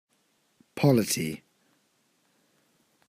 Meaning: Organizational structure and governance, especially of a state or a religion
- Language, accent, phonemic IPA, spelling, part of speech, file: English, UK, /ˈpɒl.ɪ.ti/, polity, noun, UK Audio 'Polity'.ogg